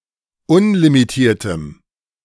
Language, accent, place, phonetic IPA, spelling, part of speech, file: German, Germany, Berlin, [ˈʊnlimiˌtiːɐ̯təm], unlimitiertem, adjective, De-unlimitiertem.ogg
- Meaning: strong dative masculine/neuter singular of unlimitiert